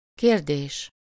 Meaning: 1. question (a sentence which asks for information) 2. question (a subject or topic for consideration or investigation)
- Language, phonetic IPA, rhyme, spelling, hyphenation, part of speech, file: Hungarian, [ˈkeːrdeːʃ], -eːʃ, kérdés, kér‧dés, noun, Hu-kérdés.ogg